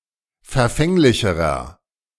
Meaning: inflection of verfänglich: 1. strong/mixed nominative masculine singular comparative degree 2. strong genitive/dative feminine singular comparative degree 3. strong genitive plural comparative degree
- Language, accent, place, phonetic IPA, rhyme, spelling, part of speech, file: German, Germany, Berlin, [fɛɐ̯ˈfɛŋlɪçəʁɐ], -ɛŋlɪçəʁɐ, verfänglicherer, adjective, De-verfänglicherer.ogg